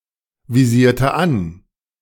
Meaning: inflection of anvisieren: 1. first/third-person singular preterite 2. first/third-person singular subjunctive II
- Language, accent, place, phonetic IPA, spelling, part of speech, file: German, Germany, Berlin, [viˌziːɐ̯tə ˈan], visierte an, verb, De-visierte an.ogg